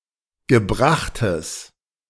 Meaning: strong/mixed nominative/accusative neuter singular of gebracht
- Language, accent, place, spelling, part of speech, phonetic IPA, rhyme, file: German, Germany, Berlin, gebrachtes, adjective, [ɡəˈbʁaxtəs], -axtəs, De-gebrachtes.ogg